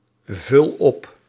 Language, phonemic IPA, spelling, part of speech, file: Dutch, /ˈvʏl ˈɔp/, vul op, verb, Nl-vul op.ogg
- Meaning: inflection of opvullen: 1. first-person singular present indicative 2. second-person singular present indicative 3. imperative